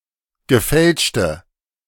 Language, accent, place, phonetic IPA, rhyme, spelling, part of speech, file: German, Germany, Berlin, [ɡəˈfɛlʃtə], -ɛlʃtə, gefälschte, adjective, De-gefälschte.ogg
- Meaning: inflection of gefälscht: 1. strong/mixed nominative/accusative feminine singular 2. strong nominative/accusative plural 3. weak nominative all-gender singular